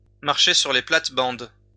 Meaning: to step on someone's toes, to encroach on somebody's turf
- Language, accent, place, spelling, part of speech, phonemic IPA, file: French, France, Lyon, marcher sur les plates-bandes, verb, /maʁ.ʃe syʁ le plat.bɑ̃d/, LL-Q150 (fra)-marcher sur les plates-bandes.wav